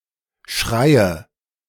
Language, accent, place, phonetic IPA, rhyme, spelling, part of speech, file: German, Germany, Berlin, [ˈʃʁaɪ̯ə], -aɪ̯ə, schreie, verb, De-schreie.ogg
- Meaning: inflection of schreien: 1. first-person singular present 2. first/third-person singular subjunctive I 3. singular imperative